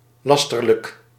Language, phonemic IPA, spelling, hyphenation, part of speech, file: Dutch, /ˈlɑstərlək/, lasterlijk, las‧ter‧lijk, adjective, Nl-lasterlijk.ogg
- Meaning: libellous, slanderous (knowingly false and harmful to reputation)